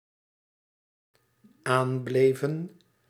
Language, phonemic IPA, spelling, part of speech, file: Dutch, /ˈamblevə(n)/, aanbleven, verb, Nl-aanbleven.ogg
- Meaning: inflection of aanblijven: 1. plural dependent-clause past indicative 2. plural dependent-clause past subjunctive